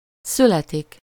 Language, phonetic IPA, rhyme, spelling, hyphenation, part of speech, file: Hungarian, [ˈsylɛtik], -ɛtik, születik, szü‧le‧tik, verb, Hu-születik.ogg
- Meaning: to be born